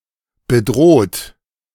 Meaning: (verb) past participle of bedrohen; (adjective) threatened
- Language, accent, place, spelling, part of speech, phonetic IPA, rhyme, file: German, Germany, Berlin, bedroht, verb, [bəˈdʁoːt], -oːt, De-bedroht.ogg